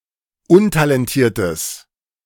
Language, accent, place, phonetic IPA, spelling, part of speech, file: German, Germany, Berlin, [ˈʊntalɛnˌtiːɐ̯təs], untalentiertes, adjective, De-untalentiertes.ogg
- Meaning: strong/mixed nominative/accusative neuter singular of untalentiert